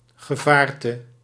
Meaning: a huge object, a colossus
- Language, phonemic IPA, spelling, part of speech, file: Dutch, /ɣəˈvartə/, gevaarte, noun, Nl-gevaarte.ogg